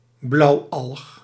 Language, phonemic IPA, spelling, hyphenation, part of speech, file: Dutch, /ˈblɑu̯.ɑlx/, blauwalg, blauw‧alg, noun, Nl-blauwalg.ogg
- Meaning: blue-green alga, member of the Cyanobacteria